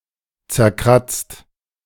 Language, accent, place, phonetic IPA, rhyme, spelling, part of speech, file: German, Germany, Berlin, [t͡sɛɐ̯ˈkʁat͡st], -at͡st, zerkratzt, verb, De-zerkratzt.ogg
- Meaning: past participle of zerkratzen